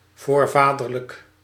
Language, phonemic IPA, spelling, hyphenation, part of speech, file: Dutch, /ˈvoːrˌvaː.dər.lək/, voorvaderlijk, voor‧va‧der‧lijk, adjective, Nl-voorvaderlijk.ogg
- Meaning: ancestral, relating to forefather(s)